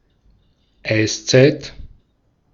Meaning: ice age
- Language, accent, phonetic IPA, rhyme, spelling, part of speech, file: German, Austria, [ˈaɪ̯sˌt͡saɪ̯t], -aɪ̯st͡saɪ̯t, Eiszeit, noun, De-at-Eiszeit.ogg